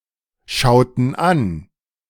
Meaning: inflection of anschauen: 1. first/third-person plural preterite 2. first/third-person plural subjunctive II
- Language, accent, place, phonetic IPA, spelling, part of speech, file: German, Germany, Berlin, [ˌʃaʊ̯tn̩ ˈan], schauten an, verb, De-schauten an.ogg